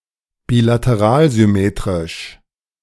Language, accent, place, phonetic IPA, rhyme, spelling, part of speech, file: German, Germany, Berlin, [biːlatəˈʁaːlzʏˌmeːtʁɪʃ], -aːlzʏmeːtʁɪʃ, bilateralsymmetrisch, adjective, De-bilateralsymmetrisch.ogg
- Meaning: bilaterally symmetric